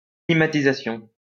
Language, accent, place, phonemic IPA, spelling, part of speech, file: French, France, Lyon, /kli.ma.ti.za.sjɔ̃/, climatisation, noun, LL-Q150 (fra)-climatisation.wav
- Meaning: air conditioning